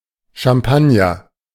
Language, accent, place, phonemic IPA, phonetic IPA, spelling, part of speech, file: German, Germany, Berlin, /ʃamˈpanjər/, [ʃamˈpan.jɐ], Champagner, noun, De-Champagner.ogg
- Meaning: champagne (sparkling wine made in Champagne)